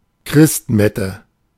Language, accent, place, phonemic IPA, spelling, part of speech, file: German, Germany, Berlin, /ˈkʁɪstˌmɛtə/, Christmette, noun, De-Christmette.ogg
- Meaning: midnight mass